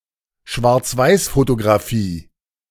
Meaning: 1. black-and-white photography 2. black-and-white photo
- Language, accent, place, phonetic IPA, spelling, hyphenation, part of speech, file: German, Germany, Berlin, [ʃvaʁt͡sˈvaɪ̯sfotoɡʁaˌfiː], Schwarzweißfotografie, Schwarz‧weiß‧fo‧to‧gra‧fie, noun, De-Schwarzweißfotografie.ogg